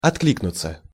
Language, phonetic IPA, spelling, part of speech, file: Russian, [ɐtˈklʲiknʊt͡sə], откликнуться, verb, Ru-откликнуться.ogg
- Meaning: 1. to respond, to answer (to a call, challenge, appeal, etc.) 2. to respond (with a letter), to comment (in the press) 3. to sound as an answer, to like an echo